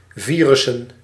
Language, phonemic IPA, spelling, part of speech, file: Dutch, /ˈvirʏsə(n)/, virussen, noun, Nl-virussen.ogg
- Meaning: plural of virus